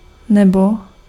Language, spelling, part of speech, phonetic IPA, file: Czech, nebo, conjunction, [ˈnɛbo], Cs-nebo.ogg
- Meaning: 1. or 2. and/or 3. for